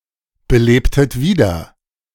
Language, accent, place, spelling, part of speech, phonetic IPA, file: German, Germany, Berlin, belebtet wieder, verb, [bəˌleːptət ˈviːdɐ], De-belebtet wieder.ogg
- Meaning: inflection of wiederbeleben: 1. second-person plural preterite 2. second-person plural subjunctive II